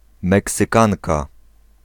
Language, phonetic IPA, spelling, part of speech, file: Polish, [ˌmɛksɨˈkãnka], Meksykanka, noun, Pl-Meksykanka.ogg